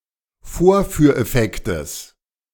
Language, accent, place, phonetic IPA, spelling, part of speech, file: German, Germany, Berlin, [ˈfoːɐ̯fyːɐ̯ʔɛˌfɛktəs], Vorführeffektes, noun, De-Vorführeffektes.ogg
- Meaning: genitive singular of Vorführeffekt